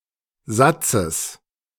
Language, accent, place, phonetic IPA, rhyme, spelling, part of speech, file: German, Germany, Berlin, [ˈzat͡səs], -at͡səs, Satzes, noun, De-Satzes.ogg
- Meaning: genitive singular of Satz